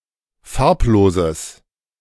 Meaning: strong/mixed nominative/accusative neuter singular of farblos
- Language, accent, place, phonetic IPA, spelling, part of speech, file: German, Germany, Berlin, [ˈfaʁpˌloːzəs], farbloses, adjective, De-farbloses.ogg